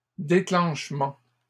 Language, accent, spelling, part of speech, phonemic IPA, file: French, Canada, déclenchements, noun, /de.klɑ̃ʃ.mɑ̃/, LL-Q150 (fra)-déclenchements.wav
- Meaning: plural of déclenchement